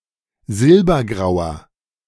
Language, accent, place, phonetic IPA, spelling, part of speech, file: German, Germany, Berlin, [ˈzɪlbɐˌɡʁaʊ̯ɐ], silbergrauer, adjective, De-silbergrauer.ogg
- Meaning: inflection of silbergrau: 1. strong/mixed nominative masculine singular 2. strong genitive/dative feminine singular 3. strong genitive plural